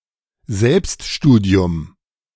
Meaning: self-study
- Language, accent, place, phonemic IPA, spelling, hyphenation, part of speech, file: German, Germany, Berlin, /ˈzɛlpstˌʃtuːdi̯ʊm/, Selbststudium, Selbst‧stu‧di‧um, noun, De-Selbststudium.ogg